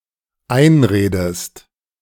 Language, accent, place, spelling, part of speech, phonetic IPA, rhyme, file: German, Germany, Berlin, einredest, verb, [ˈaɪ̯nˌʁeːdəst], -aɪ̯nʁeːdəst, De-einredest.ogg
- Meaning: inflection of einreden: 1. second-person singular dependent present 2. second-person singular dependent subjunctive I